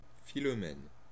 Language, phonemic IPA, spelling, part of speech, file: French, /fi.lɔ.mɛn/, Philomène, proper noun, Fr-Philomène.ogg
- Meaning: 1. a female given name, equivalent to English Philomena 2. a male given name 3. a unisex given name